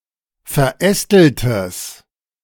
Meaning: strong/mixed nominative/accusative neuter singular of verästelt
- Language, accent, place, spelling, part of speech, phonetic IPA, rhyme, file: German, Germany, Berlin, verästeltes, adjective, [fɛɐ̯ˈʔɛstl̩təs], -ɛstl̩təs, De-verästeltes.ogg